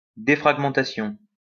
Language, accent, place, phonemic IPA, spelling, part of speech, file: French, France, Lyon, /de.fʁaɡ.mɑ̃.ta.sjɔ̃/, défragmentation, noun, LL-Q150 (fra)-défragmentation.wav
- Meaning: defragmentation